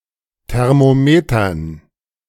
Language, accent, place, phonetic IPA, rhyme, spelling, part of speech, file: German, Germany, Berlin, [tɛʁmoˈmeːtɐn], -eːtɐn, Thermometern, noun, De-Thermometern.ogg
- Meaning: dative plural of Thermometer